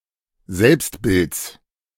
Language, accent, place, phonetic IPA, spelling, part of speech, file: German, Germany, Berlin, [ˈzɛlpstˌbɪlt͡s], Selbstbilds, noun, De-Selbstbilds.ogg
- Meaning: genitive singular of Selbstbild